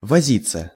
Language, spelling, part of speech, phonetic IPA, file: Russian, возиться, verb, [vɐˈzʲit͡sːə], Ru-возиться.ogg
- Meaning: 1. to busy oneself, to mess around, to spend time, to take trouble 2. to tinker 3. passive of вози́ть (vozítʹ)